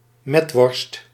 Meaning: an air-dried sausage made from raw minced pork
- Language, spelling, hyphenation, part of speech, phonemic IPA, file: Dutch, metworst, met‧worst, noun, /ˈmɛt.ʋɔrst/, Nl-metworst.ogg